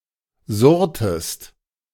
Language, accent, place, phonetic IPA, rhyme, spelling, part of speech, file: German, Germany, Berlin, [ˈzʊʁtəst], -ʊʁtəst, surrtest, verb, De-surrtest.ogg
- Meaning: inflection of surren: 1. second-person singular preterite 2. second-person singular subjunctive II